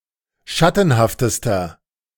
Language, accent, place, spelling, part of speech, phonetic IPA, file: German, Germany, Berlin, schattenhaftester, adjective, [ˈʃatn̩haftəstɐ], De-schattenhaftester.ogg
- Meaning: inflection of schattenhaft: 1. strong/mixed nominative masculine singular superlative degree 2. strong genitive/dative feminine singular superlative degree 3. strong genitive plural superlative degree